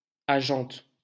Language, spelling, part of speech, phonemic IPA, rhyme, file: French, agente, noun, /a.ʒɑ̃t/, -ɑ̃t, LL-Q150 (fra)-agente.wav
- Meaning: female equivalent of agent